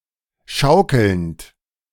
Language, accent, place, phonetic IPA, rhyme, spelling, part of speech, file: German, Germany, Berlin, [ˈʃaʊ̯kl̩nt], -aʊ̯kl̩nt, schaukelnd, verb, De-schaukelnd.ogg
- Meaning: present participle of schaukeln